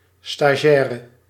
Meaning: 1. trainee 2. intern
- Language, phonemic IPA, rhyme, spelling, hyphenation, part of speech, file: Dutch, /staːˈʒɛː.rə/, -ɛːrə, stagiaire, sta‧gi‧ai‧re, noun, Nl-stagiaire.ogg